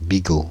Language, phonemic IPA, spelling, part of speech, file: French, /bi.ɡo/, bigot, noun / adjective, Fr-bigot.ogg
- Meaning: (noun) bigot, holier-than-thou; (adjective) over-pious, holier-than-thou